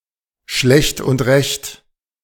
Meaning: 1. proper without much ado, simple and neat 2. not so good, so-so, barely sufficient, done with difficulty
- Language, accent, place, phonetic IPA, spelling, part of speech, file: German, Germany, Berlin, [ʃlɛçt ʊnt ʁɛçt], schlecht und recht, adjective, De-schlecht und recht.ogg